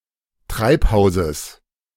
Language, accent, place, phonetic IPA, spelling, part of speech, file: German, Germany, Berlin, [ˈtʁaɪ̯pˌhaʊ̯zəs], Treibhauses, noun, De-Treibhauses.ogg
- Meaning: genitive singular of Treibhaus